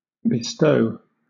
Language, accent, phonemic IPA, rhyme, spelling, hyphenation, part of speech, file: English, Southern England, /bɪˈstəʊ/, -əʊ, bestow, be‧stow, verb / noun, LL-Q1860 (eng)-bestow.wav
- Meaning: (verb) To apply or make use of (someone or something); to employ, to use